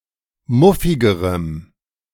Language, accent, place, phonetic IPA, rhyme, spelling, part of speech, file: German, Germany, Berlin, [ˈmʊfɪɡəʁəm], -ʊfɪɡəʁəm, muffigerem, adjective, De-muffigerem.ogg
- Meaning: strong dative masculine/neuter singular comparative degree of muffig